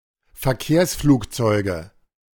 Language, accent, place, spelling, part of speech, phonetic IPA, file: German, Germany, Berlin, Verkehrsflugzeuge, noun, [fɛɐ̯ˈkeːɐ̯sfluːkˌt͡sɔɪ̯ɡə], De-Verkehrsflugzeuge.ogg
- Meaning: nominative/accusative/genitive plural of Verkehrsflugzeug